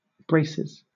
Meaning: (noun) 1. plural of brace 2. A device worn on the teeth to straighten them 3. Handcuffs
- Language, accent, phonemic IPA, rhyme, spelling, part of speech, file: English, Southern England, /ˈbɹeɪsɪz/, -eɪsɪz, braces, noun / verb, LL-Q1860 (eng)-braces.wav